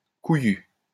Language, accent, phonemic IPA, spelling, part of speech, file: French, France, /ku.jy/, couillu, adjective, LL-Q150 (fra)-couillu.wav
- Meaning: 1. testicled, testiculated (having testicles) 2. ballsy; brave; courageous